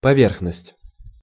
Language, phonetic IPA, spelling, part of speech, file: Russian, [pɐˈvʲerxnəsʲtʲ], поверхность, noun, Ru-поверхность.ogg
- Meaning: surface, face